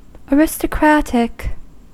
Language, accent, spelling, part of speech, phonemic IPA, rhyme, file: English, US, aristocratic, adjective, /ˌæɹɪstəˈkɹætɪk/, -ætɪk, En-us-aristocratic.ogg
- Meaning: 1. Of, pertaining to, or favouring, an aristocracy 2. Similar to the aristocracy; characteristic of, the aristocracy